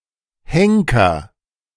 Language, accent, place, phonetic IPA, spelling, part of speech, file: German, Germany, Berlin, [ˈhɛŋ.kɐ], Henker, noun, De-Henker.ogg
- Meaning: hangman, an executioner, particularly for executions where blood is not shed